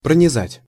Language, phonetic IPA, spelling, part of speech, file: Russian, [prənʲɪˈzatʲ], пронизать, verb, Ru-пронизать.ogg
- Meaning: 1. to pierce (through), to transpierce 2. to penetrate, to permeate 3. to run (through)